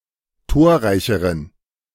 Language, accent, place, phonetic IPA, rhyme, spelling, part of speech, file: German, Germany, Berlin, [ˈtoːɐ̯ˌʁaɪ̯çəʁən], -oːɐ̯ʁaɪ̯çəʁən, torreicheren, adjective, De-torreicheren.ogg
- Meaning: inflection of torreich: 1. strong genitive masculine/neuter singular comparative degree 2. weak/mixed genitive/dative all-gender singular comparative degree